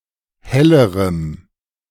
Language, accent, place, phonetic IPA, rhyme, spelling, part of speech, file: German, Germany, Berlin, [ˈhɛləʁəm], -ɛləʁəm, hellerem, adjective, De-hellerem.ogg
- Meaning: strong dative masculine/neuter singular comparative degree of helle